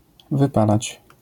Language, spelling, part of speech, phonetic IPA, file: Polish, wypalać, verb, [vɨˈpalat͡ɕ], LL-Q809 (pol)-wypalać.wav